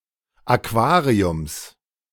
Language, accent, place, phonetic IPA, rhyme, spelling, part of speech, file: German, Germany, Berlin, [aˈkvaːʁiʊms], -aːʁiʊms, Aquariums, noun, De-Aquariums.ogg
- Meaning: genitive singular of Aquarium